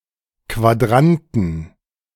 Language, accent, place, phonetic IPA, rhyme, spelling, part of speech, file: German, Germany, Berlin, [kvaˈdʁantn̩], -antn̩, Quadranten, noun, De-Quadranten.ogg
- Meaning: inflection of Quadrant: 1. genitive/dative/accusative singular 2. nominative/genitive/dative/accusative plural